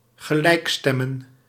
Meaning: 1. to tune to the same pitch 2. to harmonize, to adjust opinions and plans
- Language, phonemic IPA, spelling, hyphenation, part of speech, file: Dutch, /ɣəˈlɛi̯kˌstɛ.mə(n)/, gelijkstemmen, ge‧lijk‧stem‧men, verb, Nl-gelijkstemmen.ogg